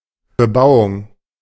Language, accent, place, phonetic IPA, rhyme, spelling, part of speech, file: German, Germany, Berlin, [bəˈbaʊ̯ʊŋ], -aʊ̯ʊŋ, Bebauung, noun, De-Bebauung.ogg
- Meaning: 1. development, building, construction 2. cultivation